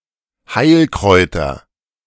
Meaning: nominative/accusative/genitive plural of Heilkraut
- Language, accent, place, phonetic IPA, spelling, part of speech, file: German, Germany, Berlin, [ˈhaɪ̯lˌkʁɔɪ̯tɐ], Heilkräuter, noun, De-Heilkräuter.ogg